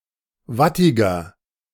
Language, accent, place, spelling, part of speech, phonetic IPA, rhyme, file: German, Germany, Berlin, wattiger, adjective, [ˈvatɪɡɐ], -atɪɡɐ, De-wattiger.ogg
- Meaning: 1. comparative degree of wattig 2. inflection of wattig: strong/mixed nominative masculine singular 3. inflection of wattig: strong genitive/dative feminine singular